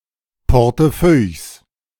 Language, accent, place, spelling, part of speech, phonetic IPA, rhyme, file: German, Germany, Berlin, Portefeuilles, noun, [pɔʁtˈfœɪ̯s], -œɪ̯s, De-Portefeuilles.ogg
- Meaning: plural of Portefeuille